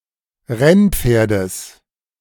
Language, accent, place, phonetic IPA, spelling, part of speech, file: German, Germany, Berlin, [ˈʁɛnˌp͡feːɐ̯dəs], Rennpferdes, noun, De-Rennpferdes.ogg
- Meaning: genitive singular of Rennpferd